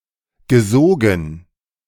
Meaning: past participle of saugen
- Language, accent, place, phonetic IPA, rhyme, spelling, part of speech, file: German, Germany, Berlin, [ɡəˈzoːɡn̩], -oːɡn̩, gesogen, verb, De-gesogen.ogg